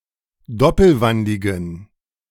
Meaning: inflection of doppelwandig: 1. strong genitive masculine/neuter singular 2. weak/mixed genitive/dative all-gender singular 3. strong/weak/mixed accusative masculine singular 4. strong dative plural
- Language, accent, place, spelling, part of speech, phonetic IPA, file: German, Germany, Berlin, doppelwandigen, adjective, [ˈdɔpl̩ˌvandɪɡn̩], De-doppelwandigen.ogg